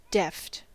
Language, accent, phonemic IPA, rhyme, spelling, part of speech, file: English, US, /dɛft/, -ɛft, deft, adjective, En-us-deft.ogg
- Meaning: Quick and neat in action; skillful